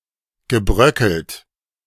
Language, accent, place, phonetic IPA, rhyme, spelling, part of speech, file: German, Germany, Berlin, [ɡəˈbʁœkl̩t], -œkl̩t, gebröckelt, verb, De-gebröckelt.ogg
- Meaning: past participle of bröckeln